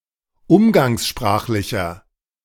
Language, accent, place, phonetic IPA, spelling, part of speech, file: German, Germany, Berlin, [ˈʊmɡaŋsˌʃpʁaːxlɪçɐ], umgangssprachlicher, adjective, De-umgangssprachlicher.ogg
- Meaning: inflection of umgangssprachlich: 1. strong/mixed nominative masculine singular 2. strong genitive/dative feminine singular 3. strong genitive plural